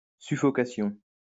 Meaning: suffocation
- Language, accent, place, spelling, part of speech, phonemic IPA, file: French, France, Lyon, suffocation, noun, /sy.fɔ.ka.sjɔ̃/, LL-Q150 (fra)-suffocation.wav